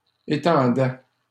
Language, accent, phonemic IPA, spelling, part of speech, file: French, Canada, /e.tɑ̃.dɛ/, étendaient, verb, LL-Q150 (fra)-étendaient.wav
- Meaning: third-person plural imperfect indicative of étendre